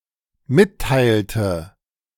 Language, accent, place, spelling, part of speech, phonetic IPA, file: German, Germany, Berlin, mitteilte, verb, [ˈmɪtˌtaɪ̯ltə], De-mitteilte.ogg
- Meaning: first/third-person singular dependent preterite of mitteilen